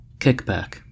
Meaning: A backward kick; a retrograde movement of an extremity
- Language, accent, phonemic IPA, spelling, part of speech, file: English, US, /ˈkɪkbæk/, kickback, noun, En-us-kickback.ogg